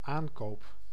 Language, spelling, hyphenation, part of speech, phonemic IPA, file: Dutch, aankoop, aan‧koop, noun / verb, /ˈaːŋkoːp/, Nl-aankoop.ogg
- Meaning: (noun) purchase; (verb) first-person singular dependent-clause present indicative of aankopen